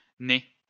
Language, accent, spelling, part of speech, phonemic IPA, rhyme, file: French, France, née, verb, /ne/, -e, LL-Q150 (fra)-née.wav
- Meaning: feminine singular of né ("to be born")